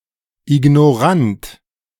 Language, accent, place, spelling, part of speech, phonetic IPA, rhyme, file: German, Germany, Berlin, Ignorant, noun, [ɪɡnoˈʁant], -ant, De-Ignorant.ogg
- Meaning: ignorant person, ignoramus